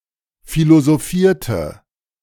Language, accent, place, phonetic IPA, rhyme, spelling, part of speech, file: German, Germany, Berlin, [ˌfilozoˈfiːɐ̯tə], -iːɐ̯tə, philosophierte, verb, De-philosophierte.ogg
- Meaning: inflection of philosophieren: 1. first/third-person singular preterite 2. first/third-person singular subjunctive II